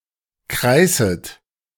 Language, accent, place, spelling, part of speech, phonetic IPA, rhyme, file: German, Germany, Berlin, kreißet, verb, [ˈkʁaɪ̯sət], -aɪ̯sət, De-kreißet.ogg
- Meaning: second-person plural subjunctive I of kreißen